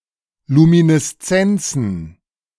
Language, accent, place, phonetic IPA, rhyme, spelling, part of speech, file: German, Germany, Berlin, [ˌluminɛsˈt͡sɛnt͡sn̩], -ɛnt͡sn̩, Lumineszenzen, noun, De-Lumineszenzen.ogg
- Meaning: plural of Lumineszenz